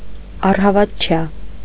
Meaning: security, pledge
- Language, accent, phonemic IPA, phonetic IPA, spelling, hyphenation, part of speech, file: Armenian, Eastern Armenian, /ɑrhɑvɑtˈt͡ʃʰjɑ/, [ɑrhɑvɑt̚t͡ʃʰjɑ́], առհավատչյա, առ‧հա‧վատ‧չյա, noun, Hy-առհավատչյա.ogg